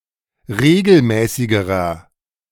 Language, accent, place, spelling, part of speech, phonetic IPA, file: German, Germany, Berlin, regelmäßigerer, adjective, [ˈʁeːɡl̩ˌmɛːsɪɡəʁɐ], De-regelmäßigerer.ogg
- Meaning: inflection of regelmäßig: 1. strong/mixed nominative masculine singular comparative degree 2. strong genitive/dative feminine singular comparative degree 3. strong genitive plural comparative degree